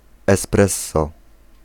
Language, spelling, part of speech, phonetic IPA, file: Polish, espresso, noun, [ɛsˈprɛsːɔ], Pl-espresso.ogg